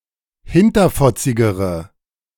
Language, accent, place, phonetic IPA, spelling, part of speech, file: German, Germany, Berlin, [ˈhɪntɐfɔt͡sɪɡəʁə], hinterfotzigere, adjective, De-hinterfotzigere.ogg
- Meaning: inflection of hinterfotzig: 1. strong/mixed nominative/accusative feminine singular comparative degree 2. strong nominative/accusative plural comparative degree